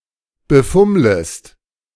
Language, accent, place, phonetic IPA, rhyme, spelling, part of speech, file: German, Germany, Berlin, [bəˈfʊmləst], -ʊmləst, befummlest, verb, De-befummlest.ogg
- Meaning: second-person singular subjunctive I of befummeln